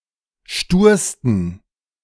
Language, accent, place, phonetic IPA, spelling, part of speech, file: German, Germany, Berlin, [ˈʃtuːɐ̯stn̩], stursten, adjective, De-stursten.ogg
- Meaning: 1. superlative degree of stur 2. inflection of stur: strong genitive masculine/neuter singular superlative degree